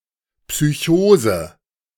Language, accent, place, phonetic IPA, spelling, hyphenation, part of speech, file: German, Germany, Berlin, [psyˈçoːzə], Psychose, Psy‧cho‧se, noun, De-Psychose.ogg
- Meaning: psychosis